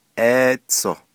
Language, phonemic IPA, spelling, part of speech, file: Navajo, /ʔéːt͡sʰòh/, éétsoh, noun, Nv-éétsoh.ogg
- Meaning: 1. jacket, blazer, coat 2. overcoat